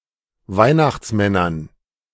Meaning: dative plural of Weihnachtsmann
- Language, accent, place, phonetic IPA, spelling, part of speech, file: German, Germany, Berlin, [ˈvaɪ̯naxt͡sˌmɛnɐn], Weihnachtsmännern, noun, De-Weihnachtsmännern.ogg